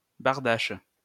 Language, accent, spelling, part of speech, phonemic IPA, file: French, France, bardache, noun, /baʁ.daʃ/, LL-Q150 (fra)-bardache.wav
- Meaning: 1. berdache (third-gender Native (North) American) 2. passive homosexual